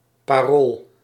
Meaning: 1. slogans, words 2. a password, code of entry 3. a promise, word of honor
- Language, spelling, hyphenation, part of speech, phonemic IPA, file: Dutch, parool, pa‧rool, noun, /paˈrol/, Nl-parool.ogg